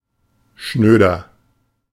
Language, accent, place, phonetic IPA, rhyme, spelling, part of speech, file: German, Germany, Berlin, [ˈʃnøːdɐ], -øːdɐ, schnöder, adjective, De-schnöder.ogg
- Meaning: 1. comparative degree of schnöde 2. inflection of schnöde: strong/mixed nominative masculine singular 3. inflection of schnöde: strong genitive/dative feminine singular